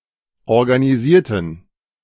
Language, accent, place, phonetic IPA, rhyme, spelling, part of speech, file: German, Germany, Berlin, [ɔʁɡaniˈziːɐ̯tn̩], -iːɐ̯tn̩, organisierten, adjective / verb, De-organisierten.ogg
- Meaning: inflection of organisieren: 1. first/third-person plural preterite 2. first/third-person plural subjunctive II